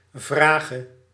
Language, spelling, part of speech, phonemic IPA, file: Dutch, vrage, verb / noun, /ˈvraː.ɣə/, Nl-vrage.ogg
- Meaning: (verb) singular present subjunctive of vragen; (noun) obsolete form of vraag